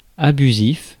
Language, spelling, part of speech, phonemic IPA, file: French, abusif, adjective, /a.by.zif/, Fr-abusif.ogg
- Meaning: abusive